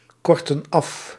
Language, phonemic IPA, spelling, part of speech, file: Dutch, /ˈkɔrtə(n) ˈɑf/, kortten af, verb, Nl-kortten af.ogg
- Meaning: inflection of afkorten: 1. plural past indicative 2. plural past subjunctive